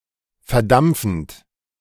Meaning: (verb) present participle of verdampfen; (adjective) evaporating, vaporizing
- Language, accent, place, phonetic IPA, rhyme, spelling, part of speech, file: German, Germany, Berlin, [fɛɐ̯ˈdamp͡fn̩t], -amp͡fn̩t, verdampfend, verb, De-verdampfend.ogg